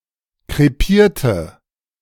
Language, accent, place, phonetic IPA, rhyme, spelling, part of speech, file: German, Germany, Berlin, [kʁeˈpiːɐ̯tə], -iːɐ̯tə, krepierte, adjective / verb, De-krepierte.ogg
- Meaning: inflection of krepieren: 1. first/third-person singular preterite 2. first/third-person singular subjunctive II